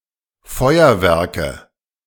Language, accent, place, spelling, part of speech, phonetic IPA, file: German, Germany, Berlin, Feuerwerke, noun, [ˈfɔɪ̯ɐˌvɛʁkə], De-Feuerwerke.ogg
- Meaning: nominative/accusative/genitive plural of Feuerwerk